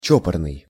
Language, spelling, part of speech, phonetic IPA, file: Russian, чопорный, adjective, [ˈt͡ɕɵpərnɨj], Ru-чопорный.ogg
- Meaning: prim, prudish